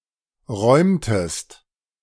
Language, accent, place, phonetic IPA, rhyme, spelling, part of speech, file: German, Germany, Berlin, [ˈʁɔɪ̯mtəst], -ɔɪ̯mtəst, räumtest, verb, De-räumtest.ogg
- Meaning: inflection of räumen: 1. second-person singular preterite 2. second-person singular subjunctive II